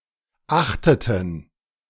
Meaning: inflection of achten: 1. first/third-person plural preterite 2. first/third-person plural subjunctive II
- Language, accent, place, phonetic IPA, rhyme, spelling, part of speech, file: German, Germany, Berlin, [ˈaxtətn̩], -axtətn̩, achteten, verb, De-achteten.ogg